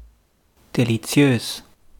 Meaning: delicious
- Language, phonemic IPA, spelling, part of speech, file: German, /deliˈt͡si̯øːs/, deliziös, adjective, De-deliziös.wav